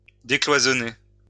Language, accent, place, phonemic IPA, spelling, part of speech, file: French, France, Lyon, /de.klwa.zɔ.ne/, décloisonner, verb, LL-Q150 (fra)-décloisonner.wav
- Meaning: to decompartmentalize